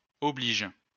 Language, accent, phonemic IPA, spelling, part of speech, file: French, France, /ɔ.bliʒ/, oblige, verb, LL-Q150 (fra)-oblige.wav
- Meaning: inflection of obliger: 1. first/third-person singular present indicative/subjunctive 2. second-person singular imperative